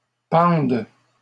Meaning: second-person singular present subjunctive of pendre
- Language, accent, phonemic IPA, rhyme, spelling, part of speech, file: French, Canada, /pɑ̃d/, -ɑ̃d, pendes, verb, LL-Q150 (fra)-pendes.wav